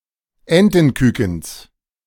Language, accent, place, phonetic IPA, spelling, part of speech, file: German, Germany, Berlin, [ˈɛntn̩ˌkyːkn̩s], Entenkükens, noun, De-Entenkükens.ogg
- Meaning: genitive singular of Entenküken